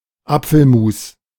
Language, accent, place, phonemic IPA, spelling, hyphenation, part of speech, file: German, Germany, Berlin, /ˈap͡fl̩ˌmuːs/, Apfelmus, Ap‧fel‧mus, noun, De-Apfelmus.ogg
- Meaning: apple sauce